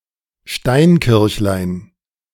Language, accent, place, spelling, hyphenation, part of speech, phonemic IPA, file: German, Germany, Berlin, Steinkirchlein, Stein‧kirch‧lein, noun, /ˈʃtaɪ̯nˌkɪʁçlaɪ̯n/, De-Steinkirchlein.ogg
- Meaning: diminutive of Steinkirche (“stone church”)